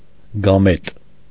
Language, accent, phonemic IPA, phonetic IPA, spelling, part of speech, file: Armenian, Eastern Armenian, /ɡɑˈmet/, [ɡɑmét], գամետ, noun, Hy-գամետ.ogg
- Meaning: gamete